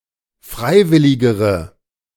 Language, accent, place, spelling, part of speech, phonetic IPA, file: German, Germany, Berlin, freiwilligere, adjective, [ˈfʁaɪ̯ˌvɪlɪɡəʁə], De-freiwilligere.ogg
- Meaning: inflection of freiwillig: 1. strong/mixed nominative/accusative feminine singular comparative degree 2. strong nominative/accusative plural comparative degree